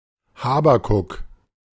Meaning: Habakkuk
- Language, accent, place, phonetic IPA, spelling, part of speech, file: German, Germany, Berlin, [ˈhaːbakʊk], Habakuk, proper noun, De-Habakuk.ogg